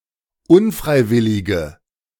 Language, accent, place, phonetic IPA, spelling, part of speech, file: German, Germany, Berlin, [ˈʊnˌfʁaɪ̯ˌvɪlɪɡə], unfreiwillige, adjective, De-unfreiwillige.ogg
- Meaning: inflection of unfreiwillig: 1. strong/mixed nominative/accusative feminine singular 2. strong nominative/accusative plural 3. weak nominative all-gender singular